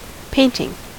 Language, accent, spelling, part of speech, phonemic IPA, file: English, US, painting, noun / verb, /ˈpeɪ.nɪŋ/, En-us-painting.ogg
- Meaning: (noun) 1. An illustration or artwork done with the use of paint 2. The action of applying paint to a surface 3. The same activity as an art form; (verb) present participle and gerund of paint